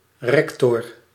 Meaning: rector
- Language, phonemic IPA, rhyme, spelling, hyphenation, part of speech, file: Dutch, /ˈrɛk.tɔr/, -ɛktɔr, rector, rec‧tor, noun, Nl-rector.ogg